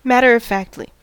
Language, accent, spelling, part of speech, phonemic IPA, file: English, US, matter-of-factly, adverb, /ˈmætəɹ əv ˈfækt.li/, En-us-matter-of-factly.ogg
- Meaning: 1. As though stating a fact 2. As though the situation is normal and not unusual; not dramatically or fancifully